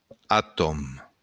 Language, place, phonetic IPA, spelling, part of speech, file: Occitan, Béarn, [aˈtɔn], atòm, noun, LL-Q14185 (oci)-atòm.wav
- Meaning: atom